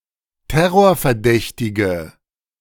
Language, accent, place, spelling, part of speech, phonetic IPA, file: German, Germany, Berlin, terrorverdächtige, adjective, [ˈtɛʁoːɐ̯fɛɐ̯ˌdɛçtɪɡə], De-terrorverdächtige.ogg
- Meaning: inflection of terrorverdächtig: 1. strong/mixed nominative/accusative feminine singular 2. strong nominative/accusative plural 3. weak nominative all-gender singular